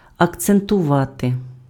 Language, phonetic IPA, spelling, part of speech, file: Ukrainian, [ɐkt͡sentʊˈʋate], акцентувати, verb, Uk-акцентувати.ogg
- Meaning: 1. to accentuate, to accent, to stress 2. to emphasize, to stress